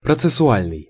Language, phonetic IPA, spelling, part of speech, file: Russian, [prət͡sɨsʊˈalʲnɨj], процессуальный, adjective, Ru-процессуальный.ogg
- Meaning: 1. processual, (relational) process 2. judicial 3. legal 4. procedural